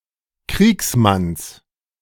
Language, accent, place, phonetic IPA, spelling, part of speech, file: German, Germany, Berlin, [ˈkʁiːksˌmans], Kriegsmanns, noun, De-Kriegsmanns.ogg
- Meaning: genitive of Kriegsmann